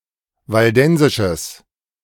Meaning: strong/mixed nominative/accusative neuter singular of waldensisch
- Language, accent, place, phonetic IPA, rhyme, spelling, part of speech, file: German, Germany, Berlin, [valˈdɛnzɪʃəs], -ɛnzɪʃəs, waldensisches, adjective, De-waldensisches.ogg